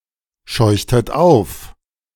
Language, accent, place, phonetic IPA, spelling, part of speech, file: German, Germany, Berlin, [ˌʃɔɪ̯çtət ˈaʊ̯f], scheuchtet auf, verb, De-scheuchtet auf.ogg
- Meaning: inflection of aufscheuchen: 1. second-person plural preterite 2. second-person plural subjunctive II